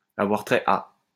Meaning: to relate to, to have to do with, to be connected with, to concern
- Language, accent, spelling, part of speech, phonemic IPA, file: French, France, avoir trait à, verb, /a.vwaʁ tʁɛ a/, LL-Q150 (fra)-avoir trait à.wav